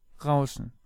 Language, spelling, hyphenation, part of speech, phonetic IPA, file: German, Rauschen, Rau‧schen, noun, [ˈʁaʊ̯ʃn̩], De-Rauschen.ogg
- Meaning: 1. a murmur 2. noise 3. sough 4. whoosh 5. rustle